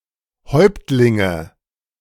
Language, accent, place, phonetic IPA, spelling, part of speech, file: German, Germany, Berlin, [ˈhɔɪ̯ptlɪŋə], Häuptlinge, noun, De-Häuptlinge.ogg
- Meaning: nominative/accusative/genitive plural of Häuptling